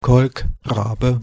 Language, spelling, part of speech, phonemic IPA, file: German, Kolkrabe, noun, /ˈkɔlkˌʁaːbə/, De-Kolkrabe.ogg
- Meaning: common raven or northern raven, Corvus corax